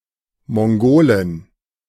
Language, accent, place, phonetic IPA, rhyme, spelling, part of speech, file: German, Germany, Berlin, [mɔŋˈɡoːlɪn], -oːlɪn, Mongolin, noun, De-Mongolin.ogg
- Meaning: Mongolian (female native or inhabitant of Mongolia)